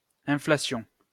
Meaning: inflation
- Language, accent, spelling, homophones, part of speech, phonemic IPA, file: French, France, inflation, inflations, noun, /ɛ̃.fla.sjɔ̃/, LL-Q150 (fra)-inflation.wav